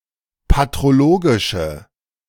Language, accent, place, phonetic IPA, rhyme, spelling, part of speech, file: German, Germany, Berlin, [patʁoˈloːɡɪʃə], -oːɡɪʃə, patrologische, adjective, De-patrologische.ogg
- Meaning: inflection of patrologisch: 1. strong/mixed nominative/accusative feminine singular 2. strong nominative/accusative plural 3. weak nominative all-gender singular